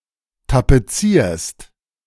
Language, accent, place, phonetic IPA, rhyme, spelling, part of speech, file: German, Germany, Berlin, [tapeˈt͡siːɐ̯st], -iːɐ̯st, tapezierst, verb, De-tapezierst.ogg
- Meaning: second-person singular present of tapezieren